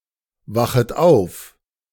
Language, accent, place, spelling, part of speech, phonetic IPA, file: German, Germany, Berlin, wachet auf, verb, [ˌvaxət ˈaʊ̯f], De-wachet auf.ogg
- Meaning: second-person plural subjunctive I of aufwachen